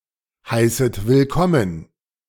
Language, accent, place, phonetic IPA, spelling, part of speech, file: German, Germany, Berlin, [ˌhaɪ̯sət vɪlˈkɔmən], heißet willkommen, verb, De-heißet willkommen.ogg
- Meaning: second-person plural subjunctive I of willkommen heißen